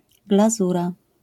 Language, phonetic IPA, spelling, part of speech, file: Polish, [ɡlaˈzura], glazura, noun, LL-Q809 (pol)-glazura.wav